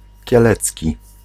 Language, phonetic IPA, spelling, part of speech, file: Polish, [cɛˈlɛt͡sʲci], kielecki, adjective, Pl-kielecki.ogg